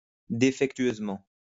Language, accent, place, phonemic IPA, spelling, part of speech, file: French, France, Lyon, /de.fɛk.tɥøz.mɑ̃/, défectueusement, adverb, LL-Q150 (fra)-défectueusement.wav
- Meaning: defectively (in a way that malfunctions)